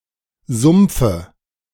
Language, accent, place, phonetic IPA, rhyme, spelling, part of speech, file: German, Germany, Berlin, [ˈzʊmp͡fə], -ʊmp͡fə, Sumpfe, noun, De-Sumpfe.ogg
- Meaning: dative of Sumpf